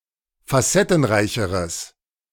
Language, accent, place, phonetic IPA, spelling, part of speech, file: German, Germany, Berlin, [faˈsɛtn̩ˌʁaɪ̯çəʁəs], facettenreicheres, adjective, De-facettenreicheres.ogg
- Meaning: strong/mixed nominative/accusative neuter singular comparative degree of facettenreich